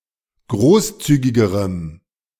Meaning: strong dative masculine/neuter singular comparative degree of großzügig
- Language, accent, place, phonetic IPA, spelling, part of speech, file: German, Germany, Berlin, [ˈɡʁoːsˌt͡syːɡɪɡəʁəm], großzügigerem, adjective, De-großzügigerem.ogg